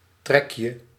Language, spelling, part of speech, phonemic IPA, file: Dutch, trekje, noun, /ˈtrɛkjə/, Nl-trekje.ogg
- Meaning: 1. diminutive of trek 2. characteristic, trait 3. draw, drag (from a cigarette)